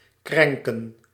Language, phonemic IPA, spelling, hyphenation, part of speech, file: Dutch, /ˈkrɛŋ.kə(n)/, krenken, kren‧ken, verb, Nl-krenken.ogg
- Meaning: 1. to damage, to hurt 2. to miff, to insult